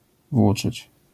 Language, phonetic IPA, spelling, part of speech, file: Polish, [ˈvwut͡ʃɨt͡ɕ], włóczyć, verb, LL-Q809 (pol)-włóczyć.wav